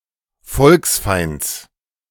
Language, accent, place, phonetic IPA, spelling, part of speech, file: German, Germany, Berlin, [ˈfɔlksˌfaɪ̯nt͡s], Volksfeinds, noun, De-Volksfeinds.ogg
- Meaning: genitive of Volksfeind